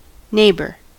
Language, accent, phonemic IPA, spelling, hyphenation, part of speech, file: English, US, /ˈneɪbɚ/, neighbour, neigh‧bour, noun / verb, En-us-neighbour.ogg
- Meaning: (noun) A person living on adjacent or nearby land; a person situated adjacently or nearby; anything (of the same type of thing as the subject) in an adjacent or nearby position